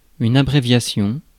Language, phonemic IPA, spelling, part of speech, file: French, /a.bʁe.vja.sjɔ̃/, abréviation, noun, Fr-abréviation.ogg
- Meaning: abbreviation (shortened or contracted form of a word or phrase)